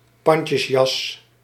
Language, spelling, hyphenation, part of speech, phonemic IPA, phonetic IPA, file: Dutch, pandjesjas, pand‧jes‧jas, noun, /ˈpɑn.tjəsˌjɑs/, [ˈpɑn.cəsˌjɑs], Nl-pandjesjas.ogg
- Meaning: a tailcoat